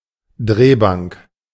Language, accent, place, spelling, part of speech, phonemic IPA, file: German, Germany, Berlin, Drehbank, noun, /ˈdʁeːˌbaŋk/, De-Drehbank.ogg
- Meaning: lathe